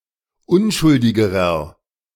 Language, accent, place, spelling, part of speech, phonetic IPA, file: German, Germany, Berlin, unschuldigerer, adjective, [ˈʊnʃʊldɪɡəʁɐ], De-unschuldigerer.ogg
- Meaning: inflection of unschuldig: 1. strong/mixed nominative masculine singular comparative degree 2. strong genitive/dative feminine singular comparative degree 3. strong genitive plural comparative degree